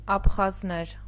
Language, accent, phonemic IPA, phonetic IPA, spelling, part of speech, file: Armenian, Eastern Armenian, /ɑpʰχɑzˈneɾ/, [ɑpʰχɑznéɾ], աբխազներ, noun, Hy-աբխազներ.ogg
- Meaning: nominative plural of աբխազ (abxaz)